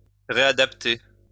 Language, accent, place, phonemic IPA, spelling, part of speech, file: French, France, Lyon, /ʁe.a.dap.te/, réadapter, verb, LL-Q150 (fra)-réadapter.wav
- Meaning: 1. to readjust 2. to rehabilitate 3. to readapt